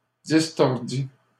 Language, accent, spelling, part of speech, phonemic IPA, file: French, Canada, distordît, verb, /dis.tɔʁ.di/, LL-Q150 (fra)-distordît.wav
- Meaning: third-person singular imperfect subjunctive of distordre